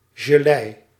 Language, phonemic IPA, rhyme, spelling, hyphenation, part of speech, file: Dutch, /ʒəˈlɛi̯/, -ɛi̯, gelei, ge‧lei, noun, Nl-gelei.ogg
- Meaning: jelly (mass of gelatin or a similar substance)